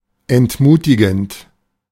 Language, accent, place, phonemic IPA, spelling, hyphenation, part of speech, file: German, Germany, Berlin, /ɛntˈmuːtɪɡn̩t/, entmutigend, ent‧mu‧ti‧gend, verb / adjective, De-entmutigend.ogg
- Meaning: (verb) present participle of entmutigen; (adjective) discouraging